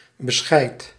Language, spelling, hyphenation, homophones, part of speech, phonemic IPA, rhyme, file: Dutch, bescheid, be‧scheid, beschijt, noun, /bəˈsxɛi̯t/, -ɛi̯t, Nl-bescheid.ogg
- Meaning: 1. reply, response 2. document, file 3. soundness of mind, good judgement